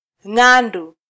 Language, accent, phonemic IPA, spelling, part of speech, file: Swahili, Kenya, /ˈŋɑ.ⁿdu/, Ng'andu, proper noun, Sw-ke-Ng'andu.flac
- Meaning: Venus (planet)